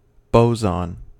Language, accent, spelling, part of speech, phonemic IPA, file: English, US, boson, noun, /ˈboʊ.zɑn/, En-us-boson.ogg